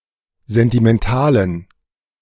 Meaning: inflection of sentimental: 1. strong genitive masculine/neuter singular 2. weak/mixed genitive/dative all-gender singular 3. strong/weak/mixed accusative masculine singular 4. strong dative plural
- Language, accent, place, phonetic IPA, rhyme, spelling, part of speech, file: German, Germany, Berlin, [ˌzɛntimɛnˈtaːlən], -aːlən, sentimentalen, adjective, De-sentimentalen.ogg